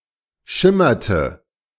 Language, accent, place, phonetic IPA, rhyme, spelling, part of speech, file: German, Germany, Berlin, [ˈʃɪmɐtə], -ɪmɐtə, schimmerte, verb, De-schimmerte.ogg
- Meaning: inflection of schimmern: 1. first/third-person singular preterite 2. first/third-person singular subjunctive II